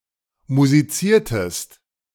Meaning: inflection of musizieren: 1. second-person singular preterite 2. second-person singular subjunctive II
- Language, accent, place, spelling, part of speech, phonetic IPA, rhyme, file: German, Germany, Berlin, musiziertest, verb, [muziˈt͡siːɐ̯təst], -iːɐ̯təst, De-musiziertest.ogg